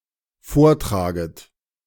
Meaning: second-person plural dependent subjunctive I of vortragen
- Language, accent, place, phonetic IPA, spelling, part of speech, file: German, Germany, Berlin, [ˈfoːɐ̯ˌtʁaːɡət], vortraget, verb, De-vortraget.ogg